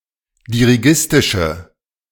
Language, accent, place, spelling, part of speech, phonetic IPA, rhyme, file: German, Germany, Berlin, dirigistische, adjective, [diʁiˈɡɪstɪʃə], -ɪstɪʃə, De-dirigistische.ogg
- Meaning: inflection of dirigistisch: 1. strong/mixed nominative/accusative feminine singular 2. strong nominative/accusative plural 3. weak nominative all-gender singular